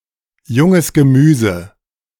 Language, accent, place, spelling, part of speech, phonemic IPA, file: German, Germany, Berlin, junges Gemüse, noun, /ˈjʊŋəs ɡəˈmyːzə/, De-junges Gemüse.ogg
- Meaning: 1. fresh vegetables 2. small fry, greenhorn